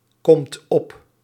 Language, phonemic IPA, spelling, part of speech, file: Dutch, /ˈkɔmt ˈɔp/, komt op, verb, Nl-komt op.ogg
- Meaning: inflection of opkomen: 1. second/third-person singular present indicative 2. plural imperative